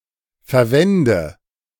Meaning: inflection of verwenden: 1. first-person singular present 2. first/third-person singular subjunctive I 3. singular imperative
- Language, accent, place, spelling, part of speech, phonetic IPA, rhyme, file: German, Germany, Berlin, verwende, verb, [fɛɐ̯ˈvɛndə], -ɛndə, De-verwende.ogg